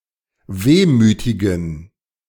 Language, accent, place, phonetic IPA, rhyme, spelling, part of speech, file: German, Germany, Berlin, [ˈveːmyːtɪɡn̩], -eːmyːtɪɡn̩, wehmütigen, adjective, De-wehmütigen.ogg
- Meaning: inflection of wehmütig: 1. strong genitive masculine/neuter singular 2. weak/mixed genitive/dative all-gender singular 3. strong/weak/mixed accusative masculine singular 4. strong dative plural